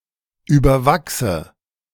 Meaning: inflection of überwachsen: 1. first-person singular present 2. first/third-person singular subjunctive I 3. singular imperative
- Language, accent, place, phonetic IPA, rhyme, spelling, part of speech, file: German, Germany, Berlin, [ˌyːbɐˈvaksə], -aksə, überwachse, verb, De-überwachse.ogg